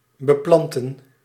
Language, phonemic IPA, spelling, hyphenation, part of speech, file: Dutch, /bəˈplɑn.tə(n)/, beplanten, be‧plan‧ten, verb, Nl-beplanten.ogg
- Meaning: 1. to plant, to plant with (to provide with plants) 2. to supply (with artillery)